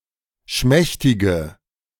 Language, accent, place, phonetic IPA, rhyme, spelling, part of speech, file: German, Germany, Berlin, [ˈʃmɛçtɪɡə], -ɛçtɪɡə, schmächtige, adjective, De-schmächtige.ogg
- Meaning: inflection of schmächtig: 1. strong/mixed nominative/accusative feminine singular 2. strong nominative/accusative plural 3. weak nominative all-gender singular